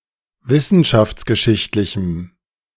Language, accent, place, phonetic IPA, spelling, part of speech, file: German, Germany, Berlin, [ˈvɪsn̩ʃaft͡sɡəˌʃɪçtlɪçm̩], wissenschaftsgeschichtlichem, adjective, De-wissenschaftsgeschichtlichem.ogg
- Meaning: strong dative masculine/neuter singular of wissenschaftsgeschichtlich